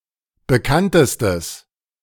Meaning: strong/mixed nominative/accusative neuter singular superlative degree of bekannt
- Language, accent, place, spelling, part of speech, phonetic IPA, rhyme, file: German, Germany, Berlin, bekanntestes, adjective, [bəˈkantəstəs], -antəstəs, De-bekanntestes.ogg